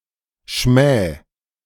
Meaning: 1. singular imperative of schmähen 2. first-person singular present of schmähen
- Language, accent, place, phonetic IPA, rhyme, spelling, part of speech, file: German, Germany, Berlin, [ʃmɛː], -ɛː, schmäh, verb, De-schmäh.ogg